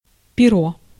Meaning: 1. feather, plume 2. feathers, down (as a commodity or insulating material) 3. nib, quill (writing implement)
- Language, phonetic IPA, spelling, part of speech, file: Russian, [pʲɪˈro], перо, noun, Ru-перо.ogg